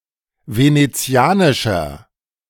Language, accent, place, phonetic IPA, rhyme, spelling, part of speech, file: German, Germany, Berlin, [ˌveneˈt͡si̯aːnɪʃɐ], -aːnɪʃɐ, venezianischer, adjective, De-venezianischer.ogg
- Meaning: inflection of venezianisch: 1. strong/mixed nominative masculine singular 2. strong genitive/dative feminine singular 3. strong genitive plural